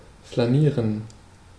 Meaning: to stroll
- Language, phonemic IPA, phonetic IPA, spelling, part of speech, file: German, /flaˈniːʁən/, [flaˈniːɐ̯n], flanieren, verb, De-flanieren.ogg